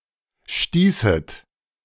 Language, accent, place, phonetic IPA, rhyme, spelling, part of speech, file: German, Germany, Berlin, [ˈʃtiːsət], -iːsət, stießet, verb, De-stießet.ogg
- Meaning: second-person plural subjunctive II of stoßen